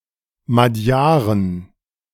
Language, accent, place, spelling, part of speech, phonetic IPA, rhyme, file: German, Germany, Berlin, Magyaren, noun, [maˈdjaːʁən], -aːʁən, De-Magyaren.ogg
- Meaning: 1. genitive of Magyar 2. plural of Magyar